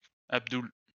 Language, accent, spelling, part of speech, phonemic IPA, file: French, France, Abdoul, proper noun, /ab.dul/, LL-Q150 (fra)-Abdoul.wav
- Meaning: a male given name from Arabic, equivalent to English Abdul